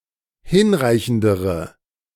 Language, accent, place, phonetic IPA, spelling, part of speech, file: German, Germany, Berlin, [ˈhɪnˌʁaɪ̯çn̩dəʁə], hinreichendere, adjective, De-hinreichendere.ogg
- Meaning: inflection of hinreichend: 1. strong/mixed nominative/accusative feminine singular comparative degree 2. strong nominative/accusative plural comparative degree